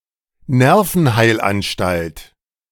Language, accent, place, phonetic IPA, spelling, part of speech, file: German, Germany, Berlin, [ˈnɛʁfn̩ˌhaɪ̯lʔanʃtalt], Nervenheilanstalt, noun, De-Nervenheilanstalt.ogg
- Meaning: mental hospital, psychiatric hospital